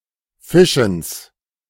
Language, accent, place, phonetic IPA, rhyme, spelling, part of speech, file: German, Germany, Berlin, [ˈfɪʃn̩s], -ɪʃn̩s, Fischens, noun, De-Fischens.ogg
- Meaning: genitive of Fischen